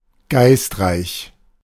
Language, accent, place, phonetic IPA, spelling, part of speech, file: German, Germany, Berlin, [ˈɡaɪstˌʁaɪç], geistreich, adjective, De-geistreich.ogg
- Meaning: witty